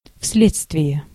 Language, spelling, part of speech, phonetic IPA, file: Russian, вследствие, preposition, [ˈfs⁽ʲ⁾lʲet͡stvʲɪje], Ru-вследствие.ogg
- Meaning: as a consequence of